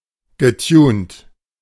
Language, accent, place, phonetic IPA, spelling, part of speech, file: German, Germany, Berlin, [ɡəˈtjuːnt], getunt, verb, De-getunt.ogg
- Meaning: past participle of tunen